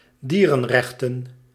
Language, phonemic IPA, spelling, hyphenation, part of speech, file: Dutch, /ˈdiː.rə(n)ˌrɛx.tə(n)/, dierenrechten, die‧ren‧rech‧ten, noun, Nl-dierenrechten.ogg
- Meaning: animal rights